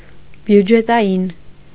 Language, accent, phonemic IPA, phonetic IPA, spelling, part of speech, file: Armenian, Eastern Armenian, /bjud͡ʒetɑˈjin/, [bjud͡ʒetɑjín], բյուջետային, adjective, Hy-բյուջետային.ogg
- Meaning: budget; budgetary